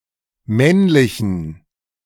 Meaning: inflection of männlich: 1. strong genitive masculine/neuter singular 2. weak/mixed genitive/dative all-gender singular 3. strong/weak/mixed accusative masculine singular 4. strong dative plural
- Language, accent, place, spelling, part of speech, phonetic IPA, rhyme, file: German, Germany, Berlin, männlichen, adjective, [ˈmɛnlɪçn̩], -ɛnlɪçn̩, De-männlichen.ogg